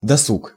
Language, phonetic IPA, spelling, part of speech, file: Russian, [dɐˈsuk], досуг, noun, Ru-досуг.ogg
- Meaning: free time, leisure, spare time